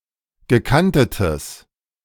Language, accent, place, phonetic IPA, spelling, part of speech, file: German, Germany, Berlin, [ɡəˈkantətəs], gekantetes, adjective, De-gekantetes.ogg
- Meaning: strong/mixed nominative/accusative neuter singular of gekantet